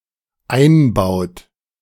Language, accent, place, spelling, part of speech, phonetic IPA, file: German, Germany, Berlin, einbaut, verb, [ˈaɪ̯nˌbaʊ̯t], De-einbaut.ogg
- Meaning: inflection of einbauen: 1. third-person singular dependent present 2. second-person plural dependent present